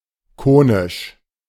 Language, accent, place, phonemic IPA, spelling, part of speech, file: German, Germany, Berlin, /ˈkoːnɪʃ/, konisch, adjective, De-konisch.ogg
- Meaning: conical, conic